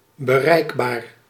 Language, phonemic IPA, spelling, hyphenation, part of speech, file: Dutch, /bəˈrɛi̯k.baːr/, bereikbaar, be‧reik‧baar, adjective, Nl-bereikbaar.ogg
- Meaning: 1. reachable 2. achievable, attainable